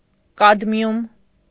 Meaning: cadmium
- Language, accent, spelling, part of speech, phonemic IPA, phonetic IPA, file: Armenian, Eastern Armenian, կադմիում, noun, /kɑdˈmjum/, [kɑdmjúm], Hy-կադմիում.ogg